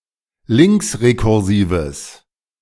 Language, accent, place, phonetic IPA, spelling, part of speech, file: German, Germany, Berlin, [ˈlɪŋksʁekʊʁˌziːvəs], linksrekursives, adjective, De-linksrekursives.ogg
- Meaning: strong/mixed nominative/accusative neuter singular of linksrekursiv